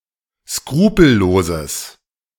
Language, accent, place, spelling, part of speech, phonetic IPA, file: German, Germany, Berlin, skrupelloses, adjective, [ˈskʁuːpl̩ˌloːzəs], De-skrupelloses.ogg
- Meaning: strong/mixed nominative/accusative neuter singular of skrupellos